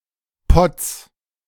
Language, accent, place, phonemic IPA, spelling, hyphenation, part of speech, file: German, Germany, Berlin, /pɔt͡s/, potz, potz, interjection, De-potz.ogg
- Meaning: gosh